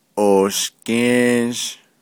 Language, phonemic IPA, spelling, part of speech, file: Navajo, /ʔòːʃkẽ́ːʒ/, ooshgę́ę́zh, noun, Nv-ooshgę́ę́zh.ogg
- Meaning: cartilage, gristle